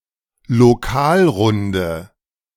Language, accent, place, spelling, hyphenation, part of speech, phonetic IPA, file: German, Germany, Berlin, Lokalrunde, Lo‧kal‧run‧de, noun, [loˈkaːlʁʊndə], De-Lokalrunde.ogg
- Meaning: A round of free drinks for everyone in a pub